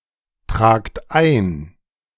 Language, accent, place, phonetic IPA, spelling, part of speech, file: German, Germany, Berlin, [ˌtʁaːkt ˈaɪ̯n], tragt ein, verb, De-tragt ein.ogg
- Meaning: inflection of eintragen: 1. second-person plural present 2. plural imperative